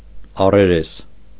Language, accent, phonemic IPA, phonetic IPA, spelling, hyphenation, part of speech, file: Armenian, Eastern Armenian, /ɑreˈɾes/, [ɑreɾés], առերես, ա‧ռե‧րես, adverb, Hy-առերես.ogg
- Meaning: externally, outwardly, superficially, on the surface